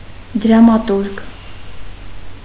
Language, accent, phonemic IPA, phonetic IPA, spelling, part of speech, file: Armenian, Eastern Armenian, /dɾɑmɑˈtuɾɡ/, [dɾɑmɑtúɾɡ], դրամատուրգ, noun, Hy-դրամատուրգ.ogg
- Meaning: playwright